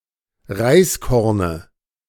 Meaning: dative of Reiskorn
- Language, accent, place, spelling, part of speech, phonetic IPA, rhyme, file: German, Germany, Berlin, Reiskorne, noun, [ˈʁaɪ̯sˌkɔʁnə], -aɪ̯skɔʁnə, De-Reiskorne.ogg